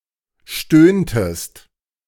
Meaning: inflection of stöhnen: 1. second-person singular preterite 2. second-person singular subjunctive II
- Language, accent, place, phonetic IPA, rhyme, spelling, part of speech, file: German, Germany, Berlin, [ˈʃtøːntəst], -øːntəst, stöhntest, verb, De-stöhntest.ogg